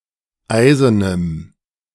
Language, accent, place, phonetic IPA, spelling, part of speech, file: German, Germany, Berlin, [ˈaɪ̯zənəm], eisenem, adjective, De-eisenem.ogg
- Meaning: strong dative masculine/neuter singular of eisen